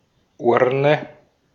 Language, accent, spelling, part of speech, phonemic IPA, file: German, Austria, Urne, noun, /ˈʔʊʁnə/, De-at-Urne.ogg
- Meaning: 1. urn 2. ballot box